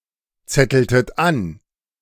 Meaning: inflection of anzetteln: 1. second-person plural preterite 2. second-person plural subjunctive II
- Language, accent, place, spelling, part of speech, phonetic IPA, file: German, Germany, Berlin, zetteltet an, verb, [ˌt͡sɛtl̩tət ˈan], De-zetteltet an.ogg